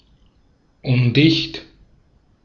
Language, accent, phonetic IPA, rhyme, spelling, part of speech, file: German, Austria, [ˈʊndɪçt], -ʊndɪçt, undicht, adjective, De-at-undicht.ogg
- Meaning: leaky, not watertight